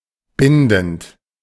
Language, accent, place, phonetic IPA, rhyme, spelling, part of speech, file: German, Germany, Berlin, [ˈbɪndn̩t], -ɪndn̩t, bindend, verb, De-bindend.ogg
- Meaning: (verb) present participle of binden; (adjective) 1. binding, obligatory 2. stringent 3. definite, firm